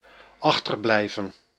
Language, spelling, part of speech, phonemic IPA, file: Dutch, achterblijven, verb, /ˈɑxtərblɛi̯və(n)/, Nl-achterblijven.ogg
- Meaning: 1. to remain, stay behind, hang back (to stay somewhere, while others leave) 2. to lag behind, fail to catch up